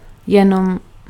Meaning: only
- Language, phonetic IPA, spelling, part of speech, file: Czech, [ˈjɛnom], jenom, adverb, Cs-jenom.ogg